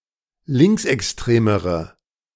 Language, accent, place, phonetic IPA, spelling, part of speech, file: German, Germany, Berlin, [ˈlɪŋksʔɛksˌtʁeːməʁə], linksextremere, adjective, De-linksextremere.ogg
- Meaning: inflection of linksextrem: 1. strong/mixed nominative/accusative feminine singular comparative degree 2. strong nominative/accusative plural comparative degree